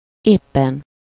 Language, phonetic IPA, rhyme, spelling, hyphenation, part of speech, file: Hungarian, [ˈeːpːɛn], -ɛn, éppen, ép‧pen, adverb, Hu-éppen.ogg
- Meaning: 1. just, right now (at this moment) 2. exactly, just 3. after all